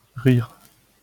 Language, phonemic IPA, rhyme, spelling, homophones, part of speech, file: French, /ʁiʁ/, -iʁ, rire, rires, verb / noun, LL-Q150 (fra)-rire.wav
- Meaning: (verb) to laugh; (noun) laugh